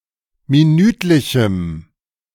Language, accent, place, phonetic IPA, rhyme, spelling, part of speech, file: German, Germany, Berlin, [miˈnyːtlɪçm̩], -yːtlɪçm̩, minütlichem, adjective, De-minütlichem.ogg
- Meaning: strong dative masculine/neuter singular of minütlich